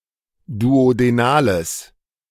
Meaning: strong/mixed nominative/accusative neuter singular of duodenal
- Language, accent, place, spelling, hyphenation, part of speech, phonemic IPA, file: German, Germany, Berlin, duodenales, du‧o‧de‧na‧les, adjective, /duodeˈnaːləs/, De-duodenales.ogg